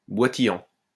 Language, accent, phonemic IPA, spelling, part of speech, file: French, France, /bwa.ti.jɑ̃/, boitillant, verb, LL-Q150 (fra)-boitillant.wav
- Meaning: present participle of boitiller